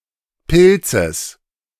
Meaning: genitive singular of Pilz
- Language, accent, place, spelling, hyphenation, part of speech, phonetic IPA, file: German, Germany, Berlin, Pilzes, Pil‧zes, noun, [pʰɪlt͡səs], De-Pilzes.ogg